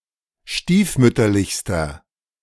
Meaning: inflection of stiefmütterlich: 1. strong/mixed nominative masculine singular superlative degree 2. strong genitive/dative feminine singular superlative degree
- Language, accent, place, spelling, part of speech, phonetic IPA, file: German, Germany, Berlin, stiefmütterlichster, adjective, [ˈʃtiːfˌmʏtɐlɪçstɐ], De-stiefmütterlichster.ogg